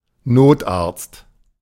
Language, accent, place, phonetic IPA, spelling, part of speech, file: German, Germany, Berlin, [ˈnoːtˌʔaʁt͡st], Notarzt, noun, De-Notarzt.ogg
- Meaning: emergency physician (male or of unspecified gender)